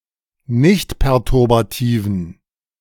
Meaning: inflection of nichtperturbativ: 1. strong genitive masculine/neuter singular 2. weak/mixed genitive/dative all-gender singular 3. strong/weak/mixed accusative masculine singular
- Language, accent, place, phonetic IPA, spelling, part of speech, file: German, Germany, Berlin, [ˈnɪçtpɛʁtʊʁbaˌtiːvn̩], nichtperturbativen, adjective, De-nichtperturbativen.ogg